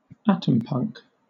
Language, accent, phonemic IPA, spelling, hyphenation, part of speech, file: English, Southern England, /ˈætəmpʌŋk/, atompunk, atom‧punk, noun, LL-Q1860 (eng)-atompunk.wav
- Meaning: A subgenre of speculative fiction, based on the society and technology of the Atomic Age (c. 1945–1969)